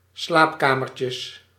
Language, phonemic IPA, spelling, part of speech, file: Dutch, /ˈslapkamərcjəs/, slaapkamertjes, noun, Nl-slaapkamertjes.ogg
- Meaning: plural of slaapkamertje